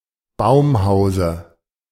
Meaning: dative singular of Baumhaus
- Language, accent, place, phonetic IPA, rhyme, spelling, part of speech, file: German, Germany, Berlin, [ˈbaʊ̯mˌhaʊ̯zə], -aʊ̯mhaʊ̯zə, Baumhause, noun, De-Baumhause.ogg